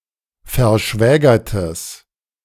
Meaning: strong/mixed nominative/accusative neuter singular of verschwägert
- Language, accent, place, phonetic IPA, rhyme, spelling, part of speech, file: German, Germany, Berlin, [fɛɐ̯ˈʃvɛːɡɐtəs], -ɛːɡɐtəs, verschwägertes, adjective, De-verschwägertes.ogg